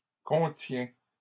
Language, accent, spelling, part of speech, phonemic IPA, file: French, Canada, contiens, verb, /kɔ̃.tjɛ̃/, LL-Q150 (fra)-contiens.wav
- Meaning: inflection of contenir: 1. first/second-person singular present indicative 2. second-person singular imperative